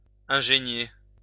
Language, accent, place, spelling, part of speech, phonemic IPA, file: French, France, Lyon, ingénier, verb, /ɛ̃.ʒe.nje/, LL-Q150 (fra)-ingénier.wav
- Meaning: to strive